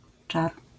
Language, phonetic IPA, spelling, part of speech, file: Polish, [t͡ʃar], czar, noun, LL-Q809 (pol)-czar.wav